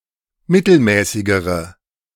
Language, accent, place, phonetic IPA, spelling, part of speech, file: German, Germany, Berlin, [ˈmɪtl̩ˌmɛːsɪɡəʁə], mittelmäßigere, adjective, De-mittelmäßigere.ogg
- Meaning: inflection of mittelmäßig: 1. strong/mixed nominative/accusative feminine singular comparative degree 2. strong nominative/accusative plural comparative degree